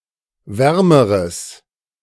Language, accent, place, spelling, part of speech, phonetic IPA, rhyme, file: German, Germany, Berlin, wärmeres, adjective, [ˈvɛʁməʁəs], -ɛʁməʁəs, De-wärmeres.ogg
- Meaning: strong/mixed nominative/accusative neuter singular comparative degree of warm